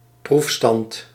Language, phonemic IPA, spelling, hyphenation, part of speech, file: Dutch, /ˈpruf.stɑnt/, proefstand, proef‧stand, noun, Nl-proefstand.ogg
- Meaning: test bench